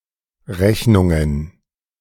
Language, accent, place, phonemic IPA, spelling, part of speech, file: German, Germany, Berlin, /ˈʁɛçnʊŋən/, Rechnungen, noun, De-Rechnungen2.ogg
- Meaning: plural of Rechnung